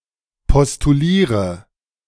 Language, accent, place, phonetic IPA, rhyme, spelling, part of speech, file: German, Germany, Berlin, [pɔstuˈliːʁə], -iːʁə, postuliere, verb, De-postuliere.ogg
- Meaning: inflection of postulieren: 1. first-person singular present 2. singular imperative 3. first/third-person singular subjunctive I